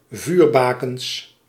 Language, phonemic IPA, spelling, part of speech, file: Dutch, /ˈvyrbakəns/, vuurbakens, noun, Nl-vuurbakens.ogg
- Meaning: plural of vuurbaken